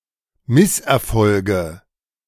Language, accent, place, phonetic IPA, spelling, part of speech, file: German, Germany, Berlin, [ˈmɪsʔɛɐ̯ˌfɔlɡə], Misserfolge, noun, De-Misserfolge.ogg
- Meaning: nominative/accusative/genitive plural of Misserfolg